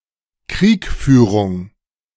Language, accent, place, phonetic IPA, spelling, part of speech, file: German, Germany, Berlin, [ˈkʁiːkˌfyːʁʊŋ], Kriegführung, noun, De-Kriegführung.ogg
- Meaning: warfare